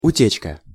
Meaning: leakage
- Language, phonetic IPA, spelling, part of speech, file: Russian, [ʊˈtʲet͡ɕkə], утечка, noun, Ru-утечка.ogg